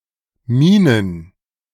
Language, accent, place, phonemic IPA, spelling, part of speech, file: German, Germany, Berlin, /ˈmiːnən/, Minen, noun, De-Minen.ogg
- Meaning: plural of Mine